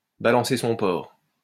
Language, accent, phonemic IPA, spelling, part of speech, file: French, France, /ba.lɑ̃.se sɔ̃ pɔʁ/, balancer son porc, verb, LL-Q150 (fra)-balancer son porc.wav
- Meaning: to denounce someone guilty of sexual harassment